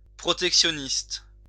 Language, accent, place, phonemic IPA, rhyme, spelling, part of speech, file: French, France, Lyon, /pʁɔ.tɛk.sjɔ.nist/, -ist, protectionniste, adjective / noun, LL-Q150 (fra)-protectionniste.wav
- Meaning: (adjective) protectionist